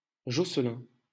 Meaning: a male given name, variant of Jocelyn
- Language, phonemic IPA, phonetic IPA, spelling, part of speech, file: French, /ʒɔ.slɛ̃/, [ʒɔs.lɛ̃], Josselin, proper noun, LL-Q150 (fra)-Josselin.wav